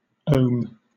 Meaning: In the International System of Units, the derived unit of electrical resistance; the electrical resistance of a device across which a potential difference of one volt causes a current of one ampere
- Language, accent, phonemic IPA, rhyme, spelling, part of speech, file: English, Southern England, /əʊm/, -əʊm, ohm, noun, LL-Q1860 (eng)-ohm.wav